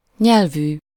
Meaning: 1. -language, -speaking 2. -tongued, with a …… tongue (having a specific kind of tongue) 3. -lingual
- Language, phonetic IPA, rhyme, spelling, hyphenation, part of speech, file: Hungarian, [ˈɲɛlvyː], -vyː, nyelvű, nyel‧vű, adjective, Hu-nyelvű.ogg